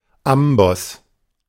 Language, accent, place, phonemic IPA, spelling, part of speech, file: German, Germany, Berlin, /ˈambɔs/, Amboss, noun, De-Amboss.ogg
- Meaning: 1. anvil (block used in blacksmithing) 2. anvil (bone in inner ear)